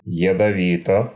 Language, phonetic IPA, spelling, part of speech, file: Russian, [(j)ɪdɐˈvʲitə], ядовито, adjective, Ru-ядовито.ogg
- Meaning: short neuter singular of ядови́тый (jadovítyj)